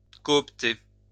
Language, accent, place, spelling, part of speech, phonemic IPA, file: French, France, Lyon, coopter, verb, /kɔ.ɔp.te/, LL-Q150 (fra)-coopter.wav
- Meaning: to coopt